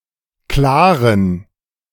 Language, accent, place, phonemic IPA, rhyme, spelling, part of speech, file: German, Germany, Berlin, /ˈklaːʁən/, -aːʁən, klaren, adjective, De-klaren.ogg
- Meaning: inflection of klar: 1. strong genitive masculine/neuter singular 2. weak/mixed genitive/dative all-gender singular 3. strong/weak/mixed accusative masculine singular 4. strong dative plural